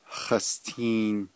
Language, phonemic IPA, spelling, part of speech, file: Navajo, /hɑ̀stʰìːn/, hastiin, noun, Nv-hastiin.ogg
- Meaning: 1. man, elder man 2. Mr 3. elder